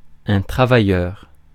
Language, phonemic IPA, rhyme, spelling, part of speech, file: French, /tʁa.va.jœʁ/, -jœʁ, travailleur, noun / adjective, Fr-travailleur.ogg
- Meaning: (noun) worker, one who works; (adjective) hard-working, diligent